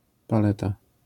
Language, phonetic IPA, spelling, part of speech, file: Polish, [paˈlɛta], paleta, noun, LL-Q809 (pol)-paleta.wav